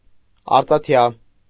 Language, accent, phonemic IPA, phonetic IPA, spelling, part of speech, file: Armenian, Eastern Armenian, /ɑɾt͡sɑˈtʰjɑ/, [ɑɾt͡sɑtʰjɑ́], արծաթյա, adjective, Hy-արծաթյա.ogg
- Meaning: silvern, made of silver